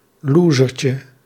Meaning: diminutive of loser
- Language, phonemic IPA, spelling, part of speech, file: Dutch, /ˈluːzərcə/, losertje, noun, Nl-losertje.ogg